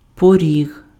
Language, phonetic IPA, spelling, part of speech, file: Ukrainian, [poˈrʲiɦ], поріг, noun, Uk-поріг.ogg
- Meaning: 1. doorstep 2. threshold 3. home, dwelling (note: used only with attribute) 4. rapids